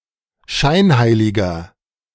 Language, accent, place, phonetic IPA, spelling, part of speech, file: German, Germany, Berlin, [ˈʃaɪ̯nˌhaɪ̯lɪɡɐ], scheinheiliger, adjective, De-scheinheiliger.ogg
- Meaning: 1. comparative degree of scheinheilig 2. inflection of scheinheilig: strong/mixed nominative masculine singular 3. inflection of scheinheilig: strong genitive/dative feminine singular